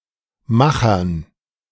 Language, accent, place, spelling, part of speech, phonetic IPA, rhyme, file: German, Germany, Berlin, Machern, noun, [ˈmaxɐn], -axɐn, De-Machern.ogg
- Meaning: dative plural of Macher